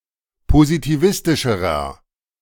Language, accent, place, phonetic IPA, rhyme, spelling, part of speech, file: German, Germany, Berlin, [pozitiˈvɪstɪʃəʁɐ], -ɪstɪʃəʁɐ, positivistischerer, adjective, De-positivistischerer.ogg
- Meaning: inflection of positivistisch: 1. strong/mixed nominative masculine singular comparative degree 2. strong genitive/dative feminine singular comparative degree